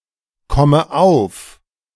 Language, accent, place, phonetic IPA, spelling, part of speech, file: German, Germany, Berlin, [ˌkɔmə ˈaʊ̯f], komme auf, verb, De-komme auf.ogg
- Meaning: inflection of aufkommen: 1. first-person singular present 2. first/third-person singular subjunctive I 3. singular imperative